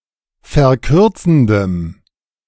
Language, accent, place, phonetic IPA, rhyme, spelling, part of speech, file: German, Germany, Berlin, [fɛɐ̯ˈkʏʁt͡sn̩dəm], -ʏʁt͡sn̩dəm, verkürzendem, adjective, De-verkürzendem.ogg
- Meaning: strong dative masculine/neuter singular of verkürzend